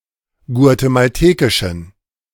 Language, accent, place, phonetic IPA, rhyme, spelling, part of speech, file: German, Germany, Berlin, [ɡu̯atemalˈteːkɪʃn̩], -eːkɪʃn̩, guatemaltekischen, adjective, De-guatemaltekischen.ogg
- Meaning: inflection of guatemaltekisch: 1. strong genitive masculine/neuter singular 2. weak/mixed genitive/dative all-gender singular 3. strong/weak/mixed accusative masculine singular 4. strong dative plural